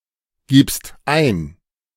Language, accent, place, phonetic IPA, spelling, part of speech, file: German, Germany, Berlin, [ˌɡiːpst ˈaɪ̯n], gibst ein, verb, De-gibst ein.ogg
- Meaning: second-person singular present of eingeben